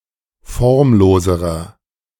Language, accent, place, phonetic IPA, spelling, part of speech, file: German, Germany, Berlin, [ˈfɔʁmˌloːzəʁɐ], formloserer, adjective, De-formloserer.ogg
- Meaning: inflection of formlos: 1. strong/mixed nominative masculine singular comparative degree 2. strong genitive/dative feminine singular comparative degree 3. strong genitive plural comparative degree